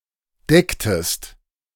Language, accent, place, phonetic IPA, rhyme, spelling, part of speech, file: German, Germany, Berlin, [ˈdɛktəst], -ɛktəst, decktest, verb, De-decktest.ogg
- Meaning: inflection of decken: 1. second-person singular preterite 2. second-person singular subjunctive II